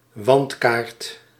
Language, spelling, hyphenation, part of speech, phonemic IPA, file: Dutch, wandkaart, wand‧kaart, noun, /ˈʋɑnt.kaːrt/, Nl-wandkaart.ogg
- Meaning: a wall map (topographical map hung on a wall)